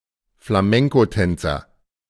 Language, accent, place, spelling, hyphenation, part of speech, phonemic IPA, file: German, Germany, Berlin, Flamencotänzer, Fla‧men‧co‧tän‧zer, noun, /flaˈmɛŋkoˌtɛnt͡sɐ/, De-Flamencotänzer.ogg
- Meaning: flamenco dancer